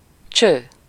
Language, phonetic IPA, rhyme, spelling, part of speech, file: Hungarian, [ˈt͡ʃøː], -t͡ʃøː, cső, noun / interjection, Hu-cső.ogg
- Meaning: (noun) tube, pipe, hose; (interjection) bye, hi, ciao